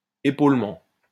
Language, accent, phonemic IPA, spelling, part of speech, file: French, France, /e.pol.mɑ̃/, épaulement, noun, LL-Q150 (fra)-épaulement.wav
- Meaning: 1. escarpment 2. retaining wall, abutment 3. breastwork